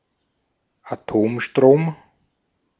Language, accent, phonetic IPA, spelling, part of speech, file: German, Austria, [aˈtoːmˌʃtʁoːm], Atomstrom, noun, De-at-Atomstrom.ogg
- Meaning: nuclear power